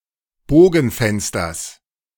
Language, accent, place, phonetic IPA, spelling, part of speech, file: German, Germany, Berlin, [ˈboːɡn̩ˌfɛnstɐs], Bogenfensters, noun, De-Bogenfensters.ogg
- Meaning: genitive singular of Bogenfenster